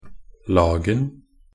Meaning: definite singular of lag
- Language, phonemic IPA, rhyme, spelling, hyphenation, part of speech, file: Norwegian Bokmål, /ˈlɑːɡn̩/, -ɑːɡn̩, lagen, lag‧en, noun, Nb-lagen.ogg